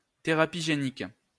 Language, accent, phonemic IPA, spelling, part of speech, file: French, France, /te.ʁa.pi ʒe.nik/, thérapie génique, noun, LL-Q150 (fra)-thérapie génique.wav
- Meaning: gene therapy